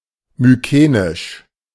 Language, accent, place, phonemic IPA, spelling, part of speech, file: German, Germany, Berlin, /myˈkeːnɪʃ/, mykenisch, adjective, De-mykenisch.ogg
- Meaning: Mycenaean